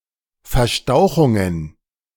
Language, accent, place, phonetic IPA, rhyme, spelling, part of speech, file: German, Germany, Berlin, [fɛɐ̯ˈʃtaʊ̯xʊŋən], -aʊ̯xʊŋən, Verstauchungen, noun, De-Verstauchungen.ogg
- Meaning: plural of Verstauchung